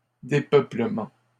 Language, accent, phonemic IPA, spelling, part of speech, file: French, Canada, /de.pœ.plə.mɑ̃/, dépeuplement, noun, LL-Q150 (fra)-dépeuplement.wav
- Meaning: depopulation